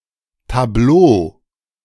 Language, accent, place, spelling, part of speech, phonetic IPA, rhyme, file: German, Germany, Berlin, Tableau, noun, [taˈbloː], -oː, De-Tableau.ogg
- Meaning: 1. tableau (arrangement of actors on stage or screen) 2. painting 3. display poster 4. table, chart, ranking 5. tenant directory